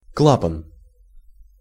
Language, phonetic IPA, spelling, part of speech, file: Russian, [ˈkɫapən], клапан, noun, Ru-клапан.ogg
- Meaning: 1. valve 2. vent, stop (of a musical instrument) 3. flap (of clothes)